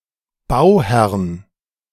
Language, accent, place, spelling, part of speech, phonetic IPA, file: German, Germany, Berlin, Bauherrn, noun, [ˈbaʊ̯ˌhɛʁn], De-Bauherrn.ogg
- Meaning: genitive singular of Bauherr